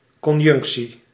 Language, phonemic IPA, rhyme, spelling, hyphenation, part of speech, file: Dutch, /ˌkɔnˈjʏŋk.si/, -ʏŋksi, conjunctie, con‧junc‧tie, noun, Nl-conjunctie.ogg
- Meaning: 1. syzygy 2. conjunction